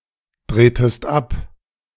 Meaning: inflection of abdrehen: 1. second-person singular preterite 2. second-person singular subjunctive II
- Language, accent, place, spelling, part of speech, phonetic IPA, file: German, Germany, Berlin, drehtest ab, verb, [ˌdʁeːtəst ˈap], De-drehtest ab.ogg